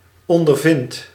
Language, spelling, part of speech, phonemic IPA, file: Dutch, ondervindt, verb, /ˌɔndərˈvɪnt/, Nl-ondervindt.ogg
- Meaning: inflection of ondervinden: 1. second/third-person singular present indicative 2. plural imperative